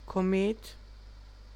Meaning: comet
- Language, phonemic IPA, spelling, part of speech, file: German, /koˈmeːt/, Komet, noun, De-Komet.ogg